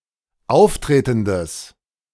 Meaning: strong/mixed nominative/accusative neuter singular of auftretend
- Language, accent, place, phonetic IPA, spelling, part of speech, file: German, Germany, Berlin, [ˈaʊ̯fˌtʁeːtn̩dəs], auftretendes, adjective, De-auftretendes.ogg